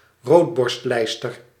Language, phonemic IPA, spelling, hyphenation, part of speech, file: Dutch, /ˈroːtbɔrstˌlɛi̯stər/, roodborstlijster, rood‧borst‧lijs‧ter, noun, Nl-roodborstlijster.ogg
- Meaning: American robin (Turdus migratorius)